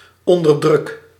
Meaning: inflection of onderdrukken: 1. first-person singular present indicative 2. second-person singular present indicative 3. imperative
- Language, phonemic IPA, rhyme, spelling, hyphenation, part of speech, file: Dutch, /ˌɔn.dərˈdrʏk/, -ʏk, onderdruk, on‧der‧druk, verb, Nl-onderdruk.ogg